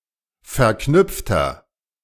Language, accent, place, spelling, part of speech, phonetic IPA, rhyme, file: German, Germany, Berlin, verknüpfter, adjective, [fɛɐ̯ˈknʏp͡ftɐ], -ʏp͡ftɐ, De-verknüpfter.ogg
- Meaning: inflection of verknüpft: 1. strong/mixed nominative masculine singular 2. strong genitive/dative feminine singular 3. strong genitive plural